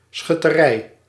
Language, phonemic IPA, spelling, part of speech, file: Dutch, /sxʏtəˈrɛi̯/, schutterij, noun, Nl-schutterij.ogg
- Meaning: city guard